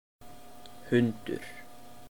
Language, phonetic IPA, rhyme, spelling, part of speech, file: Icelandic, [ˈhʏntʏr], -ʏntʏr, hundur, noun, Is-hundur.oga
- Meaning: dog